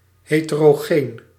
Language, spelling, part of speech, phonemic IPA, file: Dutch, heterogeen, adjective, /ˌhetəroˈɣen/, Nl-heterogeen.ogg
- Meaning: heterogeneous